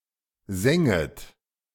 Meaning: second-person plural subjunctive II of singen
- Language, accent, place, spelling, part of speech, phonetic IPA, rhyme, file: German, Germany, Berlin, sänget, verb, [ˈzɛŋət], -ɛŋət, De-sänget.ogg